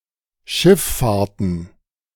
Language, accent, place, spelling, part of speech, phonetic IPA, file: German, Germany, Berlin, Schiff-Fahrten, noun, [ˈʃɪfˌfaːɐ̯tn̩], De-Schiff-Fahrten.ogg
- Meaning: plural of Schiff-Fahrt